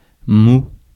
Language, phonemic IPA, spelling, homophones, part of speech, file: French, /mu/, mou, moud / mouds / moue / moues / mous / moût / moûts, adjective / noun, Fr-mou.ogg
- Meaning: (adjective) 1. soft, pliable, flabby, mushy, squishy 2. lacking vigor or strength; tardy, slow, slack, weak; (of humans) easy to persuade, convince 3. pansy, spineless